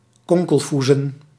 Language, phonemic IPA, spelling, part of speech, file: Dutch, /ˈkɔŋkəlˌfuzə(n)/, konkelfoezen, verb, Nl-konkelfoezen.ogg
- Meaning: talk in a low whisper, esp. to gossip or scheme